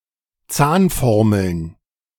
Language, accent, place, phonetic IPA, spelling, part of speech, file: German, Germany, Berlin, [ˈt͡saːnˌfɔʁml̩n], Zahnformeln, noun, De-Zahnformeln.ogg
- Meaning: plural of Zahnformel